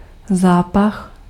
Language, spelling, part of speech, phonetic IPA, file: Czech, zápach, noun, [ˈzaːpax], Cs-zápach.ogg
- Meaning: stench, reek (unpleasant smell)